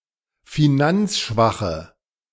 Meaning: inflection of finanzschwach: 1. strong/mixed nominative/accusative feminine singular 2. strong nominative/accusative plural 3. weak nominative all-gender singular
- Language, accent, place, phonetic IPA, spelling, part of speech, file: German, Germany, Berlin, [fiˈnant͡sˌʃvaxə], finanzschwache, adjective, De-finanzschwache.ogg